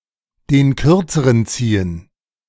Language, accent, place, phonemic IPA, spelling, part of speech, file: German, Germany, Berlin, /den ˈkʏr.t͡sə.rən ˈt͡siː.ən/, den Kürzeren ziehen, verb, De-den Kürzeren ziehen.ogg
- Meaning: to draw the short straw; to get the short end of the stick: 1. to be chosen by drawing the shorter straw (stick, match) in drawing straws 2. to lose; to be defeated; to have a disadvantage